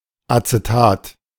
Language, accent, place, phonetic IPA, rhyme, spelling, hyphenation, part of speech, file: German, Germany, Berlin, [at͡seˈtaːt], -aːt, Acetat, Ace‧tat, noun, De-Acetat.ogg
- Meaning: acetate